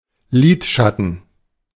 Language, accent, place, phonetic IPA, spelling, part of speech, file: German, Germany, Berlin, [ˈliːtˌʃatn̩], Lidschatten, noun, De-Lidschatten.ogg
- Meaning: eye shadow